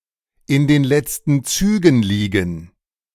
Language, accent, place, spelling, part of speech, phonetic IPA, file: German, Germany, Berlin, in den letzten Zügen liegen, verb, [ɪn deːn ˈlɛt͡stn̩ ˈt͡syːɡn̩ liːɡn̩], De-in den letzten Zügen liegen.ogg
- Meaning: to be on one's last legs; to be in one's death throes